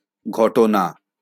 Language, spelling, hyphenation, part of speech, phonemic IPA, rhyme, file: Bengali, ঘটনা, ঘ‧ট‧না, noun, /ɡʰɔ.ʈo.na/, -ona, LL-Q9610 (ben)-ঘটনা.wav
- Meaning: 1. event 2. occurrence